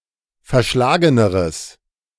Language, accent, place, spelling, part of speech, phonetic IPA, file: German, Germany, Berlin, verschlageneres, adjective, [fɛɐ̯ˈʃlaːɡənəʁəs], De-verschlageneres.ogg
- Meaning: strong/mixed nominative/accusative neuter singular comparative degree of verschlagen